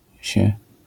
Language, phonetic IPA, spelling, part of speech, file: Polish, [ɕɛ], się, pronoun, LL-Q809 (pol)-się.wav